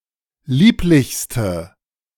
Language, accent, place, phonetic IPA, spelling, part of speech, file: German, Germany, Berlin, [ˈliːplɪçstə], lieblichste, adjective, De-lieblichste.ogg
- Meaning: inflection of lieblich: 1. strong/mixed nominative/accusative feminine singular superlative degree 2. strong nominative/accusative plural superlative degree